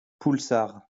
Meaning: a black grape variety form Jura
- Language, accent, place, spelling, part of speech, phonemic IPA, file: French, France, Lyon, poulsard, noun, /pul.saʁ/, LL-Q150 (fra)-poulsard.wav